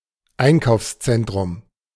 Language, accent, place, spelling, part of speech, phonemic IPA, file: German, Germany, Berlin, Einkaufszentrum, noun, /ˈaɪ̯nkaʊ̯fsˌt͡sɛntʁʊm/, De-Einkaufszentrum.ogg
- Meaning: shopping center, shopping mall